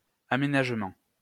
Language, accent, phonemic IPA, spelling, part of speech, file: French, France, /a.me.naʒ.mɑ̃/, aménagement, noun, LL-Q150 (fra)-aménagement.wav
- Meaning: 1. fitting out (of a place) 2. laying out (of ground) 3. development (of a district) 4. planning 5. adjusting